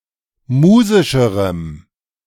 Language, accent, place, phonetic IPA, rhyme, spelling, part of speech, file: German, Germany, Berlin, [ˈmuːzɪʃəʁəm], -uːzɪʃəʁəm, musischerem, adjective, De-musischerem.ogg
- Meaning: strong dative masculine/neuter singular comparative degree of musisch